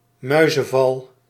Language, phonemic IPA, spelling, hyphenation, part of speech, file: Dutch, /ˈmœy̯.zə(n)ˌvɑl/, muizenval, mui‧zen‧val, noun, Nl-muizenval.ogg
- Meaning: mousetrap (a device (contraption) for capturing or killing mice)